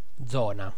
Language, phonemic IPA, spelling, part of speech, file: Italian, /ˈdzɔna/, zona, noun, It-zona.ogg